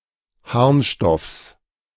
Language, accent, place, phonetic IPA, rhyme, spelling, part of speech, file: German, Germany, Berlin, [ˈhaʁnˌʃtɔfs], -aʁnʃtɔfs, Harnstoffs, noun, De-Harnstoffs.ogg
- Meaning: genitive singular of Harnstoff